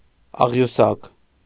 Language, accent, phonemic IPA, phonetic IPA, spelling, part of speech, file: Armenian, Eastern Armenian, /ɑʁjuˈsɑk/, [ɑʁjusɑ́k], աղյուսակ, noun, Hy-աղյուսակ.ogg
- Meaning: table (grid of data arranged in rows and columns)